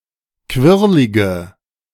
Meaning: inflection of quirlig: 1. strong/mixed nominative/accusative feminine singular 2. strong nominative/accusative plural 3. weak nominative all-gender singular 4. weak accusative feminine/neuter singular
- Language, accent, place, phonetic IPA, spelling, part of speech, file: German, Germany, Berlin, [ˈkvɪʁlɪɡə], quirlige, adjective, De-quirlige.ogg